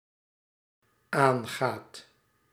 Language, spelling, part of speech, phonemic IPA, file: Dutch, aangaat, verb, /ˈaŋɣat/, Nl-aangaat.ogg
- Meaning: second/third-person singular dependent-clause present indicative of aangaan